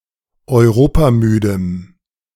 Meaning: strong dative masculine/neuter singular of europamüde
- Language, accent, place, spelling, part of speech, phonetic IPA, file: German, Germany, Berlin, europamüdem, adjective, [ɔɪ̯ˈʁoːpaˌmyːdəm], De-europamüdem.ogg